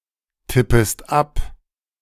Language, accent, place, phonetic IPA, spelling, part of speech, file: German, Germany, Berlin, [ˌtɪpəst ˈap], tippest ab, verb, De-tippest ab.ogg
- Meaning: second-person singular subjunctive I of abtippen